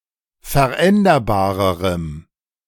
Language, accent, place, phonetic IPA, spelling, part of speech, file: German, Germany, Berlin, [fɛɐ̯ˈʔɛndɐbaːʁəʁəm], veränderbarerem, adjective, De-veränderbarerem.ogg
- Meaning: strong dative masculine/neuter singular comparative degree of veränderbar